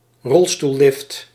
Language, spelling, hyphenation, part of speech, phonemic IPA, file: Dutch, rolstoellift, rol‧stoel‧lift, noun, /ˈrɔl.stu(l)ˌlɪft/, Nl-rolstoellift.ogg
- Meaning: a wheelchair lift